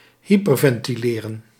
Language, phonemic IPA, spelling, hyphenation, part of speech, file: Dutch, /ˈɦi.pər.vɛn.tiˌleː.rə(n)/, hyperventileren, hy‧per‧ven‧ti‧le‧ren, verb, Nl-hyperventileren.ogg
- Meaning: to hyperventilate